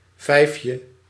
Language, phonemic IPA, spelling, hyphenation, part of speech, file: Dutch, /ˈvɛi̯fjə/, vijfje, vijf‧je, noun, Nl-vijfje.ogg
- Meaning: 1. diminutive of vijf 2. a coin or bank note with the denomination of 5 monetary units: a 5 guilder coin, issued from 1988 until 2001